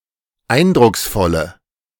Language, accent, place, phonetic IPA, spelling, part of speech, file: German, Germany, Berlin, [ˈaɪ̯ndʁʊksˌfɔlə], eindrucksvolle, adjective, De-eindrucksvolle.ogg
- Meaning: inflection of eindrucksvoll: 1. strong/mixed nominative/accusative feminine singular 2. strong nominative/accusative plural 3. weak nominative all-gender singular